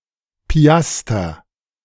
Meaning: 1. piastre (historical Spanish and Spanish-American currency) 2. piastre (modern denomination in the Middle East)
- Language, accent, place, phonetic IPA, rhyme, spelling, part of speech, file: German, Germany, Berlin, [piˈastɐ], -astɐ, Piaster, noun, De-Piaster.ogg